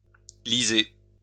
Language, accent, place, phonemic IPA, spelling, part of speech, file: French, France, Lyon, /li.ze/, lyser, verb, LL-Q150 (fra)-lyser.wav
- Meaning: to lyse